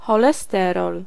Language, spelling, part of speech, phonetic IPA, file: Polish, cholesterol, noun, [ˌxɔlɛˈstɛrɔl], Pl-cholesterol.ogg